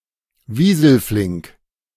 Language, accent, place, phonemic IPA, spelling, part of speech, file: German, Germany, Berlin, /ˈviːzl̩ˌflɪŋk/, wieselflink, adjective, De-wieselflink.ogg
- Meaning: nimble (as a weasel)